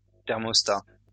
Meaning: 1. thermostat 2. gas mark
- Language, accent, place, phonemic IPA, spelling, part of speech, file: French, France, Lyon, /tɛʁ.mɔs.ta/, thermostat, noun, LL-Q150 (fra)-thermostat.wav